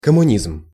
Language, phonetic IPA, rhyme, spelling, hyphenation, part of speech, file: Russian, [kəmʊˈnʲizm], -izm, коммунизм, ком‧му‧низм, noun, Ru-коммунизм.ogg
- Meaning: communism